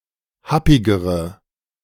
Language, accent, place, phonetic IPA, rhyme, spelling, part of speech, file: German, Germany, Berlin, [ˈhapɪɡəʁə], -apɪɡəʁə, happigere, adjective, De-happigere.ogg
- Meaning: inflection of happig: 1. strong/mixed nominative/accusative feminine singular comparative degree 2. strong nominative/accusative plural comparative degree